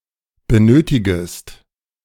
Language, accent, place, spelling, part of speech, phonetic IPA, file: German, Germany, Berlin, benötigest, verb, [bəˈnøːtɪɡəst], De-benötigest.ogg
- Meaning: second-person singular subjunctive I of benötigen